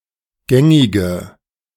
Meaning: inflection of gängig: 1. strong/mixed nominative/accusative feminine singular 2. strong nominative/accusative plural 3. weak nominative all-gender singular 4. weak accusative feminine/neuter singular
- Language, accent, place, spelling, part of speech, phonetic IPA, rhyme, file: German, Germany, Berlin, gängige, adjective, [ˈɡɛŋɪɡə], -ɛŋɪɡə, De-gängige.ogg